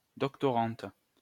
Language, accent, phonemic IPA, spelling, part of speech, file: French, France, /dɔk.tɔ.ʁɑ̃t/, doctorante, noun, LL-Q150 (fra)-doctorante.wav
- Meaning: female equivalent of doctorant